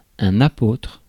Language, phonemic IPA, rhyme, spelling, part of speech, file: French, /a.potʁ/, -otʁ, apôtre, noun, Fr-apôtre.ogg
- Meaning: apostle